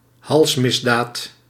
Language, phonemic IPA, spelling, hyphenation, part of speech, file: Dutch, /ˈɦɑlsˌmɪs.daːt/, halsmisdaad, hals‧mis‧daad, noun, Nl-halsmisdaad.ogg
- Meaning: capital offence (Commonwealth), capital offense (US) (crime punishable with the death penalty)